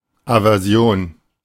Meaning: aversion (opposition or repugnance of mind; fixed dislike)
- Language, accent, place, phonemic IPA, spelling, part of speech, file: German, Germany, Berlin, /avɛʁˈzi̯oːn/, Aversion, noun, De-Aversion.ogg